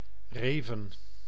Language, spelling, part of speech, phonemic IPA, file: Dutch, reven, verb / noun, /ˈrevə(n)/, Nl-reven.ogg
- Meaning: plural of rif